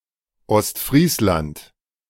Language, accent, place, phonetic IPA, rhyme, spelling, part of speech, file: German, Germany, Berlin, [ɔstˈfʁiːslant], -iːslant, Ostfriesland, proper noun, De-Ostfriesland.ogg
- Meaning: East Frisia, Eastern Friesland (a coastal cultural region in the northwest of the German federal state of Lower Saxony)